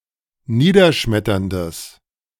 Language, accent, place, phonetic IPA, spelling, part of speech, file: German, Germany, Berlin, [ˈniːdɐˌʃmɛtɐndəs], niederschmetterndes, adjective, De-niederschmetterndes.ogg
- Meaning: strong/mixed nominative/accusative neuter singular of niederschmetternd